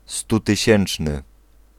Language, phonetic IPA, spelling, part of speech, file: Polish, [ˌstutɨˈɕɛ̃n͇t͡ʃnɨ], stutysięczny, adjective, Pl-stutysięczny.ogg